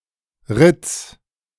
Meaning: genitive singular of Ritt
- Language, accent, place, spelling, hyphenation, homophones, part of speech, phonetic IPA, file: German, Germany, Berlin, Ritts, Ritts, ritz, noun, [ʁɪts], De-Ritts.ogg